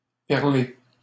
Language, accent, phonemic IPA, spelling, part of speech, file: French, Canada, /pɛʁ.le/, perler, verb, LL-Q150 (fra)-perler.wav
- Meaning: to bead (form into beads)